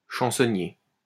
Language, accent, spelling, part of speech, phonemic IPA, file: French, France, chansonnier, noun, /ʃɑ̃.sɔ.nje/, LL-Q150 (fra)-chansonnier.wav
- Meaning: 1. songbook, chansonnier 2. singer, chansonnier